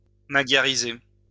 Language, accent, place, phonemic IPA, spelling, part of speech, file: French, France, Lyon, /ma.ɡja.ʁi.ze/, magyariser, verb, LL-Q150 (fra)-magyariser.wav
- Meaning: to Magyarize